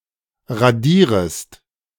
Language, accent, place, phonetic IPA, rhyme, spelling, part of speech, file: German, Germany, Berlin, [ʁaˈdiːʁəst], -iːʁəst, radierest, verb, De-radierest.ogg
- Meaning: second-person singular subjunctive I of radieren